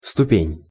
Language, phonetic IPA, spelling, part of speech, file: Russian, [stʊˈpʲenʲ], ступень, noun, Ru-ступень.ogg
- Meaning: 1. step (interval between two contiguous degrees of the scale) 2. step (in a staircase), footstep, rung 3. degree, grade, level, phase, stage